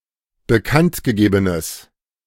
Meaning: strong/mixed nominative/accusative neuter singular of bekanntgegeben
- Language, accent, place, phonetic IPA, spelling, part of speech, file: German, Germany, Berlin, [bəˈkantɡəˌɡeːbənəs], bekanntgegebenes, adjective, De-bekanntgegebenes.ogg